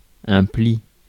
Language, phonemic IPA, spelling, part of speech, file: French, /pli/, pli, noun, Fr-pli.ogg
- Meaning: 1. fold 2. pleat 3. letter 4. trick